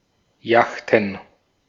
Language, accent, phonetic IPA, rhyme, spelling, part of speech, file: German, Austria, [ˈjaxtn̩], -axtn̩, Yachten, noun, De-at-Yachten.ogg
- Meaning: plural of Yacht